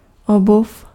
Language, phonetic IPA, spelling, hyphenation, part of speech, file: Czech, [ˈobuf], obuv, obuv, noun / verb, Cs-obuv.ogg
- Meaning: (noun) footwear; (verb) masculine singular past transgressive of obout